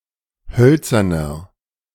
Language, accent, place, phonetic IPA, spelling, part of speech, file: German, Germany, Berlin, [ˈhœlt͡sɐnɐ], hölzerner, adjective, De-hölzerner.ogg
- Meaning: inflection of hölzern: 1. strong/mixed nominative masculine singular 2. strong genitive/dative feminine singular 3. strong genitive plural